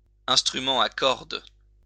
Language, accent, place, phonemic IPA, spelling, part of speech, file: French, France, Lyon, /ɛ̃s.tʁy.mɑ̃ a kɔʁd/, instrument à cordes, noun, LL-Q150 (fra)-instrument à cordes.wav
- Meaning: string instrument